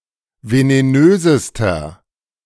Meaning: inflection of venenös: 1. strong/mixed nominative masculine singular superlative degree 2. strong genitive/dative feminine singular superlative degree 3. strong genitive plural superlative degree
- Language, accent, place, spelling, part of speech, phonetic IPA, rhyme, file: German, Germany, Berlin, venenösester, adjective, [veneˈnøːzəstɐ], -øːzəstɐ, De-venenösester.ogg